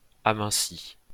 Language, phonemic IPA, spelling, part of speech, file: French, /a.mɛ̃.si/, aminci, verb, LL-Q150 (fra)-aminci.wav
- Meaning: past participle of amincir